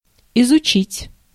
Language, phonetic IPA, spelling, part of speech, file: Russian, [ɪzʊˈt͡ɕitʲ], изучить, verb, Ru-изучить.ogg
- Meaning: 1. to learn, to study 2. to research, to explore